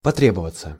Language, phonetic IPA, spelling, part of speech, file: Russian, [pɐˈtrʲebəvət͡sə], потребоваться, verb, Ru-потребоваться.ogg
- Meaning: 1. to need, to require 2. to take (time, effort, money, etc. for something) 3. passive of тре́бовать (trébovatʹ)